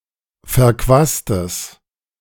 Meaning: strong/mixed nominative/accusative neuter singular of verquast
- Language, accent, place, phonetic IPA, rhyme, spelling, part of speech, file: German, Germany, Berlin, [fɛɐ̯ˈkvaːstəs], -aːstəs, verquastes, adjective, De-verquastes.ogg